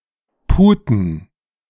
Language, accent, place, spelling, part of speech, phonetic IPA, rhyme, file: German, Germany, Berlin, Puten, noun, [ˈpuːtn̩], -uːtn̩, De-Puten.ogg
- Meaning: plural of Pute